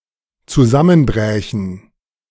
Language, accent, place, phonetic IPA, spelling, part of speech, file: German, Germany, Berlin, [t͡suˈzamənˌbʁɛːçn̩], zusammenbrächen, verb, De-zusammenbrächen.ogg
- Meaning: first/third-person plural dependent subjunctive II of zusammenbrechen